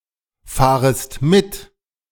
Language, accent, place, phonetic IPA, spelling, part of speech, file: German, Germany, Berlin, [ˌfaːʁəst ˈmɪt], fahrest mit, verb, De-fahrest mit.ogg
- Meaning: second-person singular subjunctive I of mitfahren